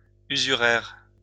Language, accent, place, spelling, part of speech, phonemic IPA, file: French, France, Lyon, usuraire, adjective, /y.zy.ʁɛʁ/, LL-Q150 (fra)-usuraire.wav
- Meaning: usurious